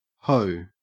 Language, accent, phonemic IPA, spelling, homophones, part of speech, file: English, Australia, /həʉ/, hoe, ho, noun / verb, En-au-hoe.ogg